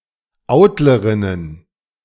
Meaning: plural of Autlerin
- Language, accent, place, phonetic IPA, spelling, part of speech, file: German, Germany, Berlin, [ˈaʊ̯tləʁɪnən], Autlerinnen, noun, De-Autlerinnen.ogg